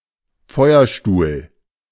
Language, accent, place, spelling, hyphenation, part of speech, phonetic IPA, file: German, Germany, Berlin, Feuerstuhl, Feu‧er‧stuhl, noun, [ˈfɔɪ̯ɐˌʃtuːl], De-Feuerstuhl.ogg
- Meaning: motorcycle